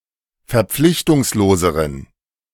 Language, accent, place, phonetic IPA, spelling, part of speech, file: German, Germany, Berlin, [fɛɐ̯ˈp͡flɪçtʊŋsloːzəʁən], verpflichtungsloseren, adjective, De-verpflichtungsloseren.ogg
- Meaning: inflection of verpflichtungslos: 1. strong genitive masculine/neuter singular comparative degree 2. weak/mixed genitive/dative all-gender singular comparative degree